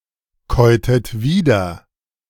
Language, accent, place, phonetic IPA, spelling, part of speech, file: German, Germany, Berlin, [ˌkɔɪ̯tət ˈviːdɐ], käutet wieder, verb, De-käutet wieder.ogg
- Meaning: inflection of wiederkäuen: 1. second-person plural preterite 2. second-person plural subjunctive II